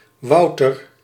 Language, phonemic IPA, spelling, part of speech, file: Dutch, /ˈʋɑu̯tər/, Wouter, proper noun, Nl-Wouter.ogg
- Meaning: a male given name, akin to Walter